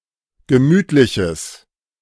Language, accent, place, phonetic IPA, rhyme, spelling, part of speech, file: German, Germany, Berlin, [ɡəˈmyːtlɪçəs], -yːtlɪçəs, gemütliches, adjective, De-gemütliches.ogg
- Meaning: strong/mixed nominative/accusative neuter singular of gemütlich